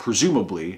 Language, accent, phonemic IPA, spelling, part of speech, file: English, US, /pɹɪˈzuːməbli/, presumably, adverb, En-us-presumably.ogg
- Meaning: Able to be sensibly presumed